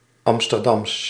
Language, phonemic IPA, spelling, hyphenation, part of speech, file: Dutch, /ˌɑm.stərˈdɑms/, Amsterdams, Am‧ster‧dams, adjective, Nl-Amsterdams.ogg
- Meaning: from Amsterdam, relating to that Dutch city